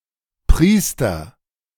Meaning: priest: 1. priest, presbyter (man who has received the sacrament of ordination) 2. priest (every believer)
- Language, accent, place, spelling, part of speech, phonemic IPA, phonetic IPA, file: German, Germany, Berlin, Priester, noun, /ˈpriːstər/, [ˈpʁiːstɐ], De-Priester.ogg